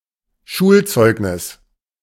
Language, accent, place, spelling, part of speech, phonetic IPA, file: German, Germany, Berlin, Schulzeugnis, noun, [ˈʃuːlˌt͡sɔɪ̯ɡnɪs], De-Schulzeugnis.ogg
- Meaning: report card